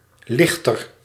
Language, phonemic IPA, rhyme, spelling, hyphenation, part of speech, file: Dutch, /ˈlɪx.tər/, -ɪxtər, lichter, lich‧ter, noun / adjective, Nl-lichter.ogg
- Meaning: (noun) lighter (type of barge use for transporting cargo to and from a moored boat); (adjective) comparative degree of licht